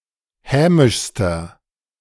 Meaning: inflection of hämisch: 1. strong/mixed nominative masculine singular superlative degree 2. strong genitive/dative feminine singular superlative degree 3. strong genitive plural superlative degree
- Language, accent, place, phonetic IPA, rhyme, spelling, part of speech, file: German, Germany, Berlin, [ˈhɛːmɪʃstɐ], -ɛːmɪʃstɐ, hämischster, adjective, De-hämischster.ogg